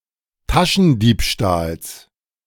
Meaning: genitive singular of Taschendiebstahl
- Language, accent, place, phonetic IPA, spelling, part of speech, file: German, Germany, Berlin, [ˈtaʃn̩ˌdiːpʃtaːls], Taschendiebstahls, noun, De-Taschendiebstahls.ogg